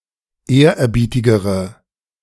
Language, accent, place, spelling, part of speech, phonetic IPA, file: German, Germany, Berlin, ehrerbietigere, adjective, [ˈeːɐ̯ʔɛɐ̯ˌbiːtɪɡəʁə], De-ehrerbietigere.ogg
- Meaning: inflection of ehrerbietig: 1. strong/mixed nominative/accusative feminine singular comparative degree 2. strong nominative/accusative plural comparative degree